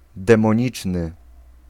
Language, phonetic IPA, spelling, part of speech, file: Polish, [ˌdɛ̃mɔ̃ˈɲit͡ʃnɨ], demoniczny, adjective, Pl-demoniczny.ogg